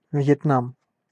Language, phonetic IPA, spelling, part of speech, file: Russian, [v⁽ʲ⁾jɪtˈnam], Вьетнам, proper noun, Ru-Вьетнам.ogg
- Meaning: Vietnam (a country in Southeast Asia)